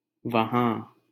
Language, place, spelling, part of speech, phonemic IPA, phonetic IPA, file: Hindi, Delhi, वहाँ, adverb, /ʋə.ɦɑ̃ː/, [ʋɐ.ɦä̃ː], LL-Q1568 (hin)-वहाँ.wav
- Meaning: there (only in the sense of an abstract noun of place. Hindi does not have a word equivalent to the English usage for "there is...")